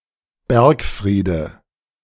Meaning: nominative/accusative/genitive plural of Bergfried
- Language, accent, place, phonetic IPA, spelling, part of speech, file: German, Germany, Berlin, [ˈbɛʁkˌfʁiːdə], Bergfriede, noun, De-Bergfriede.ogg